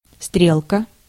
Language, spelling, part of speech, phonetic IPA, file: Russian, стрелка, noun, [ˈstrʲeɫkə], Ru-стрелка.ogg
- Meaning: 1. hand (on a clock or watch) 2. needle, pointer, indicator (on a dial or meter) 3. railroad switch, (set of) points 4. arrow (symbol, e.g. on a diagram) 5. promontory at a confluence of two rivers